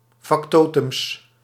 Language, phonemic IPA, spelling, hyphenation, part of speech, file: Dutch, /fɑkˈtoː.tʏms/, factotums, fac‧to‧tums, noun, Nl-factotums.ogg
- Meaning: plural of factotum